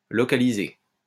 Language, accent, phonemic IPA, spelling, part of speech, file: French, France, /lɔ.ka.li.ze/, localiser, verb, LL-Q150 (fra)-localiser.wav
- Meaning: 1. to locate; to run to ground, to run to earth 2. to localise